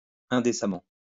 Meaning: indecently
- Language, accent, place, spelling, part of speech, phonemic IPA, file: French, France, Lyon, indécemment, adverb, /ɛ̃.de.sa.mɑ̃/, LL-Q150 (fra)-indécemment.wav